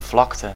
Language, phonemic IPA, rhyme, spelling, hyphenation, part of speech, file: Dutch, /ˈvlɑktə/, -ɑktə, vlakte, vlak‧te, noun, Nl-vlakte.ogg
- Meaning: 1. flatness, levelness 2. a plain, flatland (tract of land with relatively low relief, level terrain)